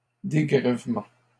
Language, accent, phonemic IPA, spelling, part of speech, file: French, Canada, /de.ɡʁɛv.mɑ̃/, dégrèvement, noun, LL-Q150 (fra)-dégrèvement.wav
- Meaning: 1. relief (of taxes etc) 2. rebate